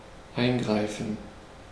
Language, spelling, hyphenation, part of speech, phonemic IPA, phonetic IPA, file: German, eingreifen, ein‧grei‧fen, verb, /ˈaɪ̯nˌɡʁaɪ̯fən/, [ˈʔaɪ̯nˌɡʁaɪ̯fn̩], De-eingreifen.ogg
- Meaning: to intervene, to interfere